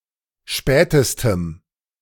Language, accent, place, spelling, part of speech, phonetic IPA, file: German, Germany, Berlin, spätestem, adjective, [ˈʃpɛːtəstəm], De-spätestem.ogg
- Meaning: strong dative masculine/neuter singular superlative degree of spät